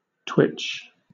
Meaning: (noun) 1. A brief, small (sometimes involuntary) movement out of place and then back again; a spasm 2. Action of spotting or seeking out a bird, especially a rare one
- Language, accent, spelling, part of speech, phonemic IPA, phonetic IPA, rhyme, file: English, Southern England, twitch, noun / verb, /twɪt͡ʃ/, [tʰw̥ɪt͡ʃ], -ɪtʃ, LL-Q1860 (eng)-twitch.wav